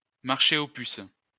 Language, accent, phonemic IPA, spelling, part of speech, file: French, France, /maʁ.ʃe o pys/, marché aux puces, noun, LL-Q150 (fra)-marché aux puces.wav
- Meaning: flea market (a market selling inexpensive antiques, curios)